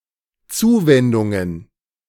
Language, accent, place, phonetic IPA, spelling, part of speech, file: German, Germany, Berlin, [ˈt͡suːvɛndʊŋən], Zuwendungen, noun, De-Zuwendungen.ogg
- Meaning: plural of Zuwendung